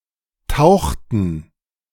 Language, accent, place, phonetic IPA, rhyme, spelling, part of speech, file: German, Germany, Berlin, [ˈtaʊ̯xtn̩], -aʊ̯xtn̩, tauchten, verb, De-tauchten.ogg
- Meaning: inflection of tauchen: 1. first/third-person plural preterite 2. first/third-person plural subjunctive II